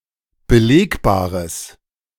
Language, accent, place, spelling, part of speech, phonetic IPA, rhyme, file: German, Germany, Berlin, belegbares, adjective, [bəˈleːkbaːʁəs], -eːkbaːʁəs, De-belegbares.ogg
- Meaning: strong/mixed nominative/accusative neuter singular of belegbar